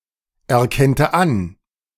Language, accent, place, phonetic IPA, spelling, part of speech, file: German, Germany, Berlin, [ɛɐ̯ˌkɛntə ˈan], erkennte an, verb, De-erkennte an.ogg
- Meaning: first/third-person singular subjunctive II of anerkennen